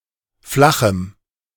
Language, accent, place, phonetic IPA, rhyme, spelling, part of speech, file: German, Germany, Berlin, [ˈflaxm̩], -axm̩, flachem, adjective, De-flachem.ogg
- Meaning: strong dative masculine/neuter singular of flach